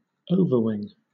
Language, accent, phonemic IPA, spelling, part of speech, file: English, Southern England, /ˈəʊvə(ɹ)wɪŋ/, overwing, adjective / verb, LL-Q1860 (eng)-overwing.wav
- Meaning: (adjective) Over the wing of an aircraft; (verb) To outflank